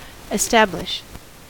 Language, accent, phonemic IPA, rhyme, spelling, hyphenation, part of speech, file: English, US, /ɪˈstæb.lɪʃ/, -æblɪʃ, establish, es‧tab‧lish, verb, En-us-establish.ogg
- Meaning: 1. To make stable or firm; to confirm 2. To form; to found; to institute; to set up in business 3. To appoint or adopt, as officers, laws, regulations, guidelines, etc.; to enact; to ordain